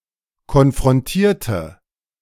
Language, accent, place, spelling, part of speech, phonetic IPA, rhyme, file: German, Germany, Berlin, konfrontierte, adjective / verb, [kɔnfʁɔnˈtiːɐ̯tə], -iːɐ̯tə, De-konfrontierte.ogg
- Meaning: inflection of konfrontieren: 1. first/third-person singular preterite 2. first/third-person singular subjunctive II